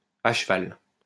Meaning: 1. by horse; on horseback; riding 2. with a fried egg on top
- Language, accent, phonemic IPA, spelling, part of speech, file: French, France, /a ʃ(ə).val/, à cheval, adverb, LL-Q150 (fra)-à cheval.wav